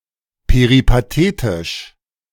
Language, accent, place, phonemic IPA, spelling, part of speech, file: German, Germany, Berlin, /peʁipaˈteːtɪʃ/, peripatetisch, adjective, De-peripatetisch.ogg
- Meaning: peripatetic